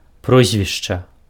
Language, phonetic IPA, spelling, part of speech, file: Belarusian, [ˈprozʲvʲiʂt͡ʂa], прозвішча, noun, Be-прозвішча.ogg
- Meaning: surname